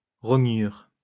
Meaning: paring, shaving
- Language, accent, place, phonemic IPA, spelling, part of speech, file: French, France, Lyon, /ʁɔ.ɲyʁ/, rognure, noun, LL-Q150 (fra)-rognure.wav